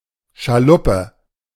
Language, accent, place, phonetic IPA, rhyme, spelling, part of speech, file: German, Germany, Berlin, [ʃaˈlʊpə], -ʊpə, Schaluppe, noun, De-Schaluppe.ogg
- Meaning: sloop